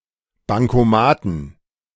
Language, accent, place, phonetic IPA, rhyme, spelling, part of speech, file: German, Germany, Berlin, [baŋkoˈmaːtn̩], -aːtn̩, Bankomaten, noun, De-Bankomaten.ogg
- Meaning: 1. genitive singular of Bankomat 2. plural of Bankomat